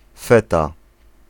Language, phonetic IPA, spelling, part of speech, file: Polish, [ˈfɛta], feta, noun, Pl-feta.ogg